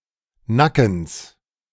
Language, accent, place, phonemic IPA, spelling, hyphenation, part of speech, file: German, Germany, Berlin, /ˈnakəns/, Nackens, Na‧ckens, noun, De-Nackens.ogg
- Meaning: genitive singular of Nacken